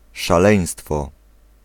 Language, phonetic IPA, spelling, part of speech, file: Polish, [ʃaˈlɛ̃j̃stfɔ], szaleństwo, noun, Pl-szaleństwo.ogg